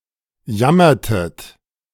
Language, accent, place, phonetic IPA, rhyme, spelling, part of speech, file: German, Germany, Berlin, [ˈjamɐtət], -amɐtət, jammertet, verb, De-jammertet.ogg
- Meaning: inflection of jammern: 1. second-person plural preterite 2. second-person plural subjunctive II